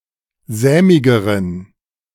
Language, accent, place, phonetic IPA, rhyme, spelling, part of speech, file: German, Germany, Berlin, [ˈzɛːmɪɡəʁən], -ɛːmɪɡəʁən, sämigeren, adjective, De-sämigeren.ogg
- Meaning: inflection of sämig: 1. strong genitive masculine/neuter singular comparative degree 2. weak/mixed genitive/dative all-gender singular comparative degree